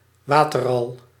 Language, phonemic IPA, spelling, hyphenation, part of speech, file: Dutch, /ˈʋaː.tə(r)ˌrɑl/, waterral, wa‧ter‧ral, noun, Nl-waterral.ogg
- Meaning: water rail (Rallus aquaticus)